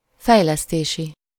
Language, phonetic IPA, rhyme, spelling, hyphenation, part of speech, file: Hungarian, [ˈfɛjlɛsteːʃi], -ʃi, fejlesztési, fej‧lesz‧té‧si, adjective, Hu-fejlesztési.ogg
- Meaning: developmental